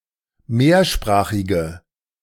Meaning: inflection of mehrsprachig: 1. strong/mixed nominative/accusative feminine singular 2. strong nominative/accusative plural 3. weak nominative all-gender singular
- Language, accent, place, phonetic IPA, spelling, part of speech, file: German, Germany, Berlin, [ˈmeːɐ̯ˌʃpʁaːxɪɡə], mehrsprachige, adjective, De-mehrsprachige.ogg